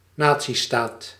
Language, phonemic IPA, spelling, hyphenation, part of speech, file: Dutch, /ˈnaː.(t)siˌstaːt/, natiestaat, na‧tie‧staat, noun, Nl-natiestaat.ogg
- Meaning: a nation-state